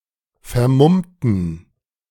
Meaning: inflection of vermummen: 1. first/third-person plural preterite 2. first/third-person plural subjunctive II
- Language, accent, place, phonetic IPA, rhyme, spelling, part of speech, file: German, Germany, Berlin, [fɛɐ̯ˈmʊmtn̩], -ʊmtn̩, vermummten, adjective / verb, De-vermummten.ogg